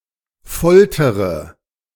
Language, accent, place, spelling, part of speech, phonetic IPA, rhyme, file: German, Germany, Berlin, foltere, verb, [ˈfɔltəʁə], -ɔltəʁə, De-foltere.ogg
- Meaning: inflection of foltern: 1. first-person singular present 2. first/third-person singular subjunctive I 3. singular imperative